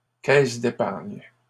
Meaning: savings bank, thrift
- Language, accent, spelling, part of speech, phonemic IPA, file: French, Canada, caisse d'épargne, noun, /kɛs d‿e.paʁɲ/, LL-Q150 (fra)-caisse d'épargne.wav